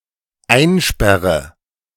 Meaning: inflection of einsperren: 1. first-person singular dependent present 2. first/third-person singular dependent subjunctive I
- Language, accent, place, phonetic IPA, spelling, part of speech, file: German, Germany, Berlin, [ˈaɪ̯nˌʃpɛʁə], einsperre, verb, De-einsperre.ogg